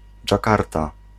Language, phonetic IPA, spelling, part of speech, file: Polish, [d͡ʒaˈkarta], Dżakarta, proper noun, Pl-Dżakarta.ogg